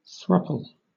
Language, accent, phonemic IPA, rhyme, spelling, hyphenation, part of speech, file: English, Southern England, /ˈθɹʌp.əl/, -ʌpəl, throuple, throup‧le, noun, LL-Q1860 (eng)-throuple.wav
- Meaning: Three individuals engaged in a romantic or sexual relationship